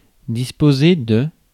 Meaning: 1. to organize, to arrange, to distribute in a certain fashion 2. to prepare (something) for an occasion, to incline (someone) towards 3. to prepare oneself for, to be about to
- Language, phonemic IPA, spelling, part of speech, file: French, /dis.po.ze/, disposer, verb, Fr-disposer.ogg